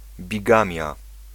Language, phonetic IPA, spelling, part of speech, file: Polish, [bʲiˈɡãmʲja], bigamia, noun, Pl-bigamia.ogg